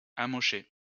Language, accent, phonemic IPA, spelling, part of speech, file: French, France, /a.mɔ.ʃe/, amocher, verb, LL-Q150 (fra)-amocher.wav
- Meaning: to mess up